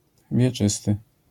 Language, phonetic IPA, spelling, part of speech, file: Polish, [vʲjɛˈt͡ʃɨstɨ], wieczysty, adjective, LL-Q809 (pol)-wieczysty.wav